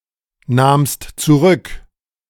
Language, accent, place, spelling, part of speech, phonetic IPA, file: German, Germany, Berlin, nahmst zurück, verb, [ˌnaːmst t͡suˈʁʏk], De-nahmst zurück.ogg
- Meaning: second-person singular preterite of zurücknehmen